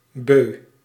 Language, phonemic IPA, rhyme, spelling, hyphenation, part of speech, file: Dutch, /bøː/, -øː, beu, beu, adjective / adverb, Nl-beu.ogg
- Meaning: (adjective) fed up, having had enough; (adverb) to satiety